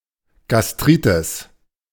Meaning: gastritis
- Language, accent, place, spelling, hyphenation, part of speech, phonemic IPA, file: German, Germany, Berlin, Gastritis, Gas‧t‧ri‧tis, noun, /ɡasˈtʁiːtɪs/, De-Gastritis.ogg